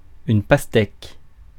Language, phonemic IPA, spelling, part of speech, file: French, /pas.tɛk/, pastèque, noun, Fr-pastèque.ogg
- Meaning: 1. watermelon (plant) 2. watermelon (fruit) 3. boob (female breast)